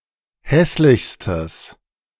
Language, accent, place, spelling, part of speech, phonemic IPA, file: German, Germany, Berlin, hässlichstes, adjective, /ˈhɛslɪçstəs/, De-hässlichstes.ogg
- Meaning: strong/mixed nominative/accusative neuter singular superlative degree of hässlich